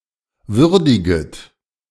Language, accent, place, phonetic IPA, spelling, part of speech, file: German, Germany, Berlin, [ˈvʏʁdɪɡət], würdiget, verb, De-würdiget.ogg
- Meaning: second-person plural subjunctive I of würdigen